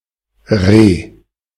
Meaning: roe deer (small deer species, Capreolus capreolus)
- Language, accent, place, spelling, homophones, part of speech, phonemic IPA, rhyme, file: German, Germany, Berlin, Reh, Re / re-, noun, /ʁeː/, -eː, De-Reh.ogg